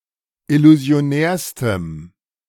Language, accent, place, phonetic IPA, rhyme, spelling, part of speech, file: German, Germany, Berlin, [ɪluzi̯oˈnɛːɐ̯stəm], -ɛːɐ̯stəm, illusionärstem, adjective, De-illusionärstem.ogg
- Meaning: strong dative masculine/neuter singular superlative degree of illusionär